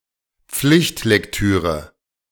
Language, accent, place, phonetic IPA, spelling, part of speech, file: German, Germany, Berlin, [ˈp͡flɪçtlɛkˌtyːʁə], Pflichtlektüre, noun, De-Pflichtlektüre.ogg
- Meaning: 1. set book, required reading (text assigned as compulsory reading for a course) 2. must-read (book or other text that one is strongly recommended to read)